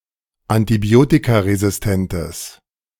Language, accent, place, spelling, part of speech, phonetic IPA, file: German, Germany, Berlin, antibiotikaresistentes, adjective, [antiˈbi̯oːtikaʁezɪsˌtɛntəs], De-antibiotikaresistentes.ogg
- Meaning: strong/mixed nominative/accusative neuter singular of antibiotikaresistent